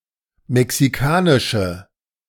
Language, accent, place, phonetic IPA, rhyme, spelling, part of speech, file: German, Germany, Berlin, [mɛksiˈkaːnɪʃə], -aːnɪʃə, mexikanische, adjective, De-mexikanische.ogg
- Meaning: inflection of mexikanisch: 1. strong/mixed nominative/accusative feminine singular 2. strong nominative/accusative plural 3. weak nominative all-gender singular